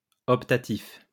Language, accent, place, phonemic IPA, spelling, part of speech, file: French, France, Lyon, /ɔp.ta.tif/, optatif, adjective, LL-Q150 (fra)-optatif.wav
- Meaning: optative